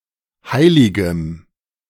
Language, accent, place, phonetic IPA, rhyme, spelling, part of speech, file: German, Germany, Berlin, [ˈhaɪ̯lɪɡəm], -aɪ̯lɪɡəm, heiligem, adjective, De-heiligem.ogg
- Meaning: strong dative masculine/neuter singular of heilig